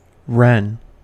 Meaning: 1. Troglodytes troglodytes (Eurasian wren, type species and sole Old World species of the family Troglodytidae) 2. Any member of a mainly New World passerine bird family Troglodytidae; a true wren
- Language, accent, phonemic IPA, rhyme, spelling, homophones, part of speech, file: English, US, /ɹɛn/, -ɛn, wren, ren, noun, En-us-wren.ogg